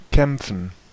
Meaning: to fight, to struggle
- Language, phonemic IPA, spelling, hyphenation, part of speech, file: German, /kɛm(p)fən/, kämpfen, kämp‧fen, verb, De-kämpfen.ogg